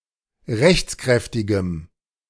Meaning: strong dative masculine/neuter singular of rechtskräftig
- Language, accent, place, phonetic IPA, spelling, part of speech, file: German, Germany, Berlin, [ˈʁɛçt͡sˌkʁɛftɪɡəm], rechtskräftigem, adjective, De-rechtskräftigem.ogg